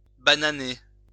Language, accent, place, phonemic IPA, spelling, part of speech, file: French, France, Lyon, /ba.na.ne/, bananer, verb, LL-Q150 (fra)-bananer.wav
- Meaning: to make a mistake